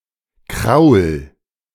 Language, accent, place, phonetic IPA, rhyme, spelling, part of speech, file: German, Germany, Berlin, [kʁaʊ̯l], -aʊ̯l, kraul, verb, De-kraul.ogg
- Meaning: 1. singular imperative of kraulen 2. first-person singular present of kraulen